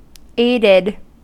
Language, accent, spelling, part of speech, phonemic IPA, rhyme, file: English, US, aided, verb, /ˈeɪ.dɪd/, -eɪdɪd, En-us-aided.ogg
- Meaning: simple past and past participle of aid